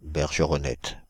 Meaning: wagtail
- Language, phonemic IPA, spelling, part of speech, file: French, /bɛʁ.ʒə.ʁɔ.nɛt/, bergeronnette, noun, Fr-bergeronnette.ogg